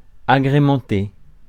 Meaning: 1. to brighten up 2. to liven up 3. to supplement, adorn
- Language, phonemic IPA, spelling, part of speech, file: French, /a.ɡʁe.mɑ̃.te/, agrémenter, verb, Fr-agrémenter.ogg